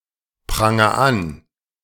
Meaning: inflection of anprangern: 1. first-person singular present 2. singular imperative
- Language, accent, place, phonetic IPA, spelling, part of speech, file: German, Germany, Berlin, [ˌpʁaŋɐ ˈan], pranger an, verb, De-pranger an.ogg